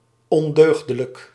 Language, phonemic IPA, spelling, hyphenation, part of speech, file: Dutch, /ˌɔnˈdøːx.də.lək/, ondeugdelijk, on‧deug‧de‧lijk, adjective, Nl-ondeugdelijk.ogg
- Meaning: defective, inferior, unsound